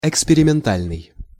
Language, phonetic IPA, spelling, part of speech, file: Russian, [ɪkspʲɪrʲɪmʲɪnˈtalʲnɨj], экспериментальный, adjective, Ru-экспериментальный.ogg
- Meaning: experimental